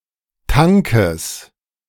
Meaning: genitive singular of Tank
- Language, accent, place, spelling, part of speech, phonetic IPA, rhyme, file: German, Germany, Berlin, Tankes, noun, [ˈtaŋkəs], -aŋkəs, De-Tankes.ogg